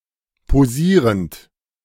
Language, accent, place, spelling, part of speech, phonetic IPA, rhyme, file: German, Germany, Berlin, posierend, verb, [poˈziːʁənt], -iːʁənt, De-posierend.ogg
- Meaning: present participle of posieren